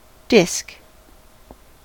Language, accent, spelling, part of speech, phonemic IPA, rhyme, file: English, US, disk, noun / verb, /dɪsk/, -ɪsk, En-us-disk.ogg
- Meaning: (noun) 1. A thin, flat, circular plate or similar object 2. A two-dimensional geometric region, the set of points bounded by a circle 3. Something resembling a disk 4. An intervertebral disc